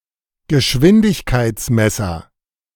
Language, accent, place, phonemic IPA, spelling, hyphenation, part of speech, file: German, Germany, Berlin, /ɡəˈʃvɪndɪçkaɪ̯tsˌmɛsɐ/, Geschwindigkeitsmesser, Ge‧schwin‧dig‧keits‧mes‧ser, noun, De-Geschwindigkeitsmesser.ogg
- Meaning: speedometer, tachometer, velocimeter